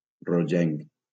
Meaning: reddish
- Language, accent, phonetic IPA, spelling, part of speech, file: Catalan, Valencia, [roˈd͡ʒeŋk], rogenc, adjective, LL-Q7026 (cat)-rogenc.wav